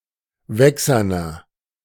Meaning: inflection of wächsern: 1. strong/mixed nominative masculine singular 2. strong genitive/dative feminine singular 3. strong genitive plural
- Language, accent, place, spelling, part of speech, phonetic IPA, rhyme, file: German, Germany, Berlin, wächserner, adjective, [ˈvɛksɐnɐ], -ɛksɐnɐ, De-wächserner.ogg